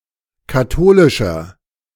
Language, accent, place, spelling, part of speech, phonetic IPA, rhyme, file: German, Germany, Berlin, katholischer, adjective, [kaˈtoːlɪʃɐ], -oːlɪʃɐ, De-katholischer.ogg
- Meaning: inflection of katholisch: 1. strong/mixed nominative masculine singular 2. strong genitive/dative feminine singular 3. strong genitive plural